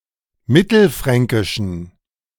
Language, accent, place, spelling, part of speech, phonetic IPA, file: German, Germany, Berlin, mittelfränkischen, adjective, [ˈmɪtl̩ˌfʁɛŋkɪʃn̩], De-mittelfränkischen.ogg
- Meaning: inflection of mittelfränkisch: 1. strong genitive masculine/neuter singular 2. weak/mixed genitive/dative all-gender singular 3. strong/weak/mixed accusative masculine singular 4. strong dative plural